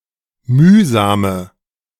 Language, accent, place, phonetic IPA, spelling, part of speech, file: German, Germany, Berlin, [ˈmyːzaːmə], mühsame, adjective, De-mühsame.ogg
- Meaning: inflection of mühsam: 1. strong/mixed nominative/accusative feminine singular 2. strong nominative/accusative plural 3. weak nominative all-gender singular 4. weak accusative feminine/neuter singular